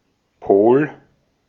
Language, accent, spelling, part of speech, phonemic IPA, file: German, Austria, Pol, noun, /poːl/, De-at-Pol.ogg
- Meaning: pole (point on a spherical body's surface intersected by its rotational axis)